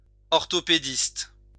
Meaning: orthopaedist
- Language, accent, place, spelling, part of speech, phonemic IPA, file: French, France, Lyon, orthopédiste, noun, /ɔʁ.to.pe.dist/, LL-Q150 (fra)-orthopédiste.wav